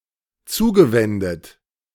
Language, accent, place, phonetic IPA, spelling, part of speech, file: German, Germany, Berlin, [ˈt͡suːɡəˌvɛndət], zugewendet, verb, De-zugewendet.ogg
- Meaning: past participle of zuwenden